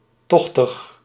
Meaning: 1. draughty, drafty, windy, having currents of air 2. being in oestrus, being on heat
- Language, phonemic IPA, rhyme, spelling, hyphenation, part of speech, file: Dutch, /ˈtɔx.təx/, -ɔxtəx, tochtig, toch‧tig, adjective, Nl-tochtig.ogg